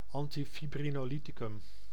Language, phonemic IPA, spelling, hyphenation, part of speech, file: Dutch, /ɑntifibrinoːˈlitikʏm/, antifibrinolyticum, an‧ti‧fi‧bri‧no‧ly‧ti‧cum, noun, Nl-antifibrinolyticum.ogg
- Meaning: antifibrinolytic, a drug to inhibit fibrinolysis